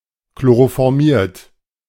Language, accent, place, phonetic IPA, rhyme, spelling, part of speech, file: German, Germany, Berlin, [kloʁofɔʁˈmiːɐ̯t], -iːɐ̯t, chloroformiert, verb, De-chloroformiert.ogg
- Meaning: 1. past participle of chloroformieren 2. inflection of chloroformieren: second-person plural present 3. inflection of chloroformieren: third-person singular present